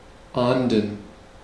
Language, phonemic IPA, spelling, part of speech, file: German, /aːndən/, ahnden, verb, De-ahnden.ogg
- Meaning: to punish something (the object is always the deed, never the perpetrator)